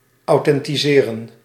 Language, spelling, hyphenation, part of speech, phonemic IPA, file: Dutch, authentiseren, au‧then‧ti‧se‧ren, verb, /ɑu̯ˌtɛn.tiˈzeː.rə(n)/, Nl-authentiseren.ogg
- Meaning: alternative form of authenticeren